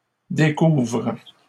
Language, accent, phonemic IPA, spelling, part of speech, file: French, Canada, /de.kuvʁ/, découvres, verb, LL-Q150 (fra)-découvres.wav
- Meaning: second-person singular present indicative/subjunctive of découvrir